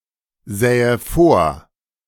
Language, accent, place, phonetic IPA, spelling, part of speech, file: German, Germany, Berlin, [ˌzɛːə ˈfoːɐ̯], sähe vor, verb, De-sähe vor.ogg
- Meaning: first/third-person singular subjunctive II of vorsehen